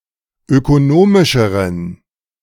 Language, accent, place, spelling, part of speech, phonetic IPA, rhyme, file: German, Germany, Berlin, ökonomischeren, adjective, [økoˈnoːmɪʃəʁən], -oːmɪʃəʁən, De-ökonomischeren.ogg
- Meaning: inflection of ökonomisch: 1. strong genitive masculine/neuter singular comparative degree 2. weak/mixed genitive/dative all-gender singular comparative degree